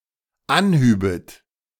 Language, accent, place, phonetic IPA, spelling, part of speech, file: German, Germany, Berlin, [ˈanˌhyːbət], anhübet, verb, De-anhübet.ogg
- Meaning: second-person plural dependent subjunctive II of anheben